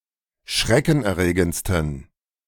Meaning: 1. superlative degree of schreckenerregend 2. inflection of schreckenerregend: strong genitive masculine/neuter singular superlative degree
- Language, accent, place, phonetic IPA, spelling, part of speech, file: German, Germany, Berlin, [ˈʃʁɛkn̩ʔɛɐ̯ˌʁeːɡənt͡stn̩], schreckenerregendsten, adjective, De-schreckenerregendsten.ogg